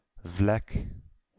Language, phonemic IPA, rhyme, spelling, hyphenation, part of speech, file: Dutch, /vlɛk/, -ɛk, vlek, vlek, noun, Nl-vlek.ogg
- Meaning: 1. spot, stain, speck 2. area, region 3. hamlet 4. town, large village